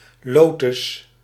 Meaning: 1. lotus, plant of the genus Nelumbo 2. used for certain plants of the genus Nymphaea
- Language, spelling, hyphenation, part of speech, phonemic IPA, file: Dutch, lotus, lo‧tus, noun, /ˈloː.tʏs/, Nl-lotus.ogg